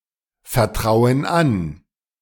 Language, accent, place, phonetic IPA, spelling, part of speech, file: German, Germany, Berlin, [fɛɐ̯ˌtʁaʊ̯ən ˈan], vertrauen an, verb, De-vertrauen an.ogg
- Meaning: inflection of anvertrauen: 1. first/third-person plural present 2. first/third-person plural subjunctive I